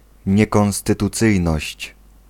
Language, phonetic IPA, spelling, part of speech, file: Polish, [ˌɲɛkɔ̃w̃stɨtuˈt͡sɨjnɔɕt͡ɕ], niekonstytucyjność, noun, Pl-niekonstytucyjność.ogg